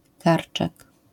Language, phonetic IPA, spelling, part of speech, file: Polish, [ˈkart͡ʃɛk], karczek, noun, LL-Q809 (pol)-karczek.wav